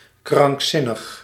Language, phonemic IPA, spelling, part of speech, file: Dutch, /kraŋkˈsinəx/, krankzinnig, adjective, Nl-krankzinnig.ogg
- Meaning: insane